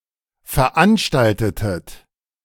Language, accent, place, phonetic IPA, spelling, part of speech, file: German, Germany, Berlin, [fɛɐ̯ˈʔanʃtaltətət], veranstaltetet, verb, De-veranstaltetet.ogg
- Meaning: inflection of veranstalten: 1. second-person plural preterite 2. second-person plural subjunctive II